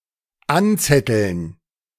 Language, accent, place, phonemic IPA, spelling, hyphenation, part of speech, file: German, Germany, Berlin, /ˈan.t͡sɛtəln/, anzetteln, an‧zet‧teln, verb, De-anzetteln.ogg
- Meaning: to instigate, to incite, to stir up